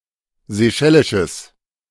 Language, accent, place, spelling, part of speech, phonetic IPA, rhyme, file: German, Germany, Berlin, seychellisches, adjective, [zeˈʃɛlɪʃəs], -ɛlɪʃəs, De-seychellisches.ogg
- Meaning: strong/mixed nominative/accusative neuter singular of seychellisch